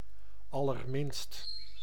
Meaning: not in the least, not at all
- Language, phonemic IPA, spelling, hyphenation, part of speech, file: Dutch, /ˌɑ.lərˈmɪnst/, allerminst, al‧ler‧minst, adverb, Nl-allerminst.ogg